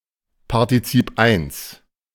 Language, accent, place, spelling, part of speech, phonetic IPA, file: German, Germany, Berlin, Partizip I, noun, [paʁtiˈt͡siːp aɪ̯ns], De-Partizip I.ogg
- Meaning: synonym of Partizip Präsens (present participle)